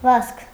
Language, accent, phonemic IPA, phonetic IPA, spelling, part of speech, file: Armenian, Eastern Armenian, /vɑzkʰ/, [vɑskʰ], վազք, noun, Hy-վազք.ogg
- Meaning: 1. run, running 2. race